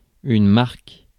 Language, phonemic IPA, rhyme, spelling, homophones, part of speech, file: French, /maʁk/, -aʁk, marque, Marc / mark / marks / marc, noun / verb, Fr-marque.ogg
- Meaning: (noun) 1. mark (spot) 2. brand (of a company) 3. mark (on one's body, e.g. a birthmark); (verb) inflection of marquer: first/third-person singular present indicative/subjunctive